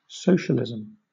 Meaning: Any of various economic and political theories advocating collective or governmental ownership and administration of the means of production and distribution of goods
- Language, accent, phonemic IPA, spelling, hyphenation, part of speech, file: English, Southern England, /ˈsəʊʃəlɪzəm/, socialism, so‧cial‧ism, noun, LL-Q1860 (eng)-socialism.wav